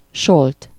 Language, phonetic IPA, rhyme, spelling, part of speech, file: Hungarian, [ˈʃolt], -olt, Solt, proper noun, Hu-Solt.ogg
- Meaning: 1. a town in Bács-Kiskun County, Hungary 2. a surname